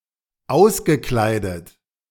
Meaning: past participle of auskleiden
- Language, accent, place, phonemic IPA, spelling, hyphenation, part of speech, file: German, Germany, Berlin, /ˈaʊ̯sɡəˌklaɪ̯dət/, ausgekleidet, aus‧ge‧klei‧det, verb, De-ausgekleidet.ogg